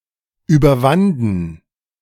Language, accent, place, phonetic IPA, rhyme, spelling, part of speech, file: German, Germany, Berlin, [yːbɐˈvandn̩], -andn̩, überwanden, verb, De-überwanden.ogg
- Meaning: first/third-person plural preterite of überwinden